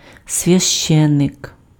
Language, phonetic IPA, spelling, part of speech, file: Ukrainian, [sʲʋʲɐʃˈt͡ʃɛnek], священик, noun, Uk-священик.ogg
- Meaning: nonstandard form of свяще́нник (svjaščénnyk, “priest, clergyman”)